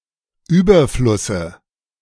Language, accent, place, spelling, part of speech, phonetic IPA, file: German, Germany, Berlin, Überflusse, noun, [ˈyːbɐflʊsə], De-Überflusse.ogg
- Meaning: dative of Überfluss